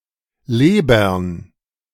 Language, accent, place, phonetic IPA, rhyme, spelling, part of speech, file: German, Germany, Berlin, [ˈleːbɐn], -eːbɐn, Lebern, noun, De-Lebern.ogg
- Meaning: plural of Leber